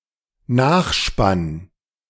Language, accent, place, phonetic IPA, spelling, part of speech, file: German, Germany, Berlin, [ˈnaːxˌʃpan], Nachspann, noun, De-Nachspann.ogg
- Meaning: end credits